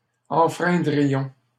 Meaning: first-person plural conditional of enfreindre
- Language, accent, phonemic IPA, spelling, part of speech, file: French, Canada, /ɑ̃.fʁɛ̃.dʁi.jɔ̃/, enfreindrions, verb, LL-Q150 (fra)-enfreindrions.wav